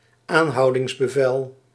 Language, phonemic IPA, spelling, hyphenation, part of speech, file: Dutch, /ˈaːn.ɦɑu̯.dɪŋs.bəˌvɛl/, aanhoudingsbevel, aan‧hou‧dings‧be‧vel, noun, Nl-aanhoudingsbevel.ogg
- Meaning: arrest warrant